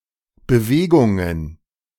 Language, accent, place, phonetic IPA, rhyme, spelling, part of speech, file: German, Germany, Berlin, [bəˈveːɡʊŋən], -eːɡʊŋən, Bewegungen, noun, De-Bewegungen.ogg
- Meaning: plural of Bewegung